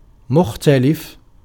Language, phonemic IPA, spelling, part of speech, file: Arabic, /mux.ta.lif/, مختلف, adjective, Ar-مختلف.ogg
- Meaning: different